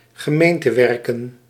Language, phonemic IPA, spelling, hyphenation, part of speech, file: Dutch, /ɣəˈmeːn.təˌʋɛr.kə(n)/, gemeentewerken, ge‧meen‧te‧wer‧ken, noun, Nl-gemeentewerken.ogg
- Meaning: municipal public works